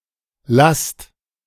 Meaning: inflection of lassen: 1. second-person plural present 2. plural imperative
- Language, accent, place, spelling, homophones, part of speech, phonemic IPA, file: German, Germany, Berlin, lasst, Last, verb, /last/, De-lasst.ogg